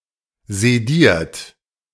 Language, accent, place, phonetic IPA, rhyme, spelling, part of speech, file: German, Germany, Berlin, [zeˈdiːɐ̯t], -iːɐ̯t, sediert, adjective / verb, De-sediert.ogg
- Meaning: 1. past participle of sedieren 2. inflection of sedieren: third-person singular present 3. inflection of sedieren: second-person plural present 4. inflection of sedieren: plural imperative